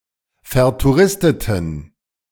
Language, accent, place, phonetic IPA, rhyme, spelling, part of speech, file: German, Germany, Berlin, [fɛɐ̯tuˈʁɪstətn̩], -ɪstətn̩, vertouristeten, adjective, De-vertouristeten.ogg
- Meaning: inflection of vertouristet: 1. strong genitive masculine/neuter singular 2. weak/mixed genitive/dative all-gender singular 3. strong/weak/mixed accusative masculine singular 4. strong dative plural